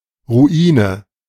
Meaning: ruin, ruins
- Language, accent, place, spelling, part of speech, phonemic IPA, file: German, Germany, Berlin, Ruine, noun, /ʁuˈiːnə/, De-Ruine.ogg